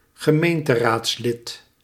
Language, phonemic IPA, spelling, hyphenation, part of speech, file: Dutch, /ɣəˈmeːn.tə.raːtsˌlɪt/, gemeenteraadslid, ge‧meen‧te‧raads‧lid, noun, Nl-gemeenteraadslid.ogg
- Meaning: municipal council member (member of a local-government council)